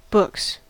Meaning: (noun) 1. plural of book 2. Accounting records; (verb) third-person singular simple present indicative of book
- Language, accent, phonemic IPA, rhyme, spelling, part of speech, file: English, US, /bʊks/, -ʊks, books, noun / verb, En-us-books.ogg